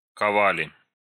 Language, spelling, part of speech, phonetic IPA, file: Russian, ковали, verb, [kɐˈvalʲɪ], Ru-кова́ли.ogg
- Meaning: plural past indicative imperfective of кова́ть (kovátʹ)